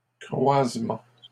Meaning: 1. crossing (intersection where roads, lines, or tracks cross) 2. outcrossing 3. crossbreed
- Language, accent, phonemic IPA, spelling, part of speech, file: French, Canada, /kʁwaz.mɑ̃/, croisement, noun, LL-Q150 (fra)-croisement.wav